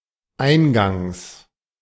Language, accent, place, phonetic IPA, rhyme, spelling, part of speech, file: German, Germany, Berlin, [ˈaɪ̯nˌɡaŋs], -aɪ̯nɡaŋs, Eingangs, noun, De-Eingangs.ogg
- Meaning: genitive singular of Eingang